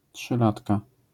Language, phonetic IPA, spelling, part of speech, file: Polish, [ṭʃɨˈlatka], trzylatka, noun, LL-Q809 (pol)-trzylatka.wav